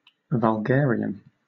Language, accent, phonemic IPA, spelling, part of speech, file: English, Southern England, /vʌlˈɡɛəɹi.ən/, vulgarian, noun / adjective, LL-Q1860 (eng)-vulgarian.wav
- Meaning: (noun) A vulgar individual, especially one who emphasizes or is oblivious to his or her vulgar qualities; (adjective) Having the characteristics of a vulgarian, vulgar